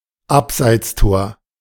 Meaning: offside goal
- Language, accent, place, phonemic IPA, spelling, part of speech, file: German, Germany, Berlin, /ˈapzaɪ̯t͡stoːɐ̯/, Abseitstor, noun, De-Abseitstor.ogg